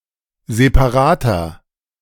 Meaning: inflection of separat: 1. strong/mixed nominative masculine singular 2. strong genitive/dative feminine singular 3. strong genitive plural
- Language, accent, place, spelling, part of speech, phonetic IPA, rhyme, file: German, Germany, Berlin, separater, adjective, [zepaˈʁaːtɐ], -aːtɐ, De-separater.ogg